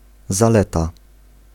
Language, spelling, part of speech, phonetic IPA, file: Polish, zaleta, noun, [zaˈlɛta], Pl-zaleta.ogg